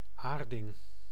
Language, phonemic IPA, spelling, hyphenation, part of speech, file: Dutch, /ˈaːr.dɪŋ/, aarding, aar‧ding, noun, Nl-aarding.ogg
- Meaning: ground (electrical conductor connected to point of zero potential)